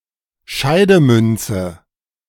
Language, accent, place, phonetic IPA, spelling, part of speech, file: German, Germany, Berlin, [ˈʃaɪ̯dəˌmʏnt͡sə], Scheidemünze, noun, De-Scheidemünze.ogg
- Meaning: 1. divisional coin (coin whose metal value is less than its nominal value), small change 2. token coin